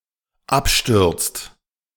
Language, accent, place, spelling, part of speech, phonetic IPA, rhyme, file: German, Germany, Berlin, abstürzt, verb, [ˈapˌʃtʏʁt͡st], -apʃtʏʁt͡st, De-abstürzt.ogg
- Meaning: inflection of abstürzen: 1. second/third-person singular dependent present 2. second-person plural dependent present